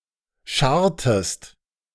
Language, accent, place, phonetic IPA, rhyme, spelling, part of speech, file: German, Germany, Berlin, [ˈʃaʁtəst], -aʁtəst, scharrtest, verb, De-scharrtest.ogg
- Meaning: inflection of scharren: 1. second-person singular preterite 2. second-person singular subjunctive II